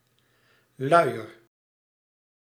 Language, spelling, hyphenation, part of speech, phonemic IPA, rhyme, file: Dutch, luier, lui‧er, noun / adjective / verb, /ˈlœy̯.ər/, -œy̯ər, Nl-luier.ogg
- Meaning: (noun) diaper, nappy; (adjective) comparative degree of lui; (verb) inflection of luieren: 1. first-person singular present indicative 2. second-person singular present indicative 3. imperative